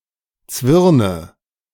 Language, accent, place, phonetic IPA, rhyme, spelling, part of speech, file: German, Germany, Berlin, [ˈt͡svɪʁnə], -ɪʁnə, zwirne, verb, De-zwirne.ogg
- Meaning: inflection of zwirnen: 1. first-person singular present 2. first/third-person singular subjunctive I 3. singular imperative